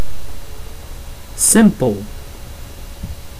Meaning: simple
- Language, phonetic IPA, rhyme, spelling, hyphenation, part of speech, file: Dutch, [ˈsɪmpəl], -ɪmpəl, simpel, sim‧pel, adjective, Nl-simpel.ogg